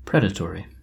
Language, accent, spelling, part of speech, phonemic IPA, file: English, US, predatory, adjective, /ˈpɹɛdəˌtɔɹi/, En-us-predatory.oga
- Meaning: 1. Of, or relating to a predator 2. Living by preying on other living animals 3. Exploiting or victimizing others for personal gain